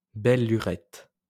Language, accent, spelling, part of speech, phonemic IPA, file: French, France, belle lurette, noun, /bɛl ly.ʁɛt/, LL-Q150 (fra)-belle lurette.wav
- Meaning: a long time; ages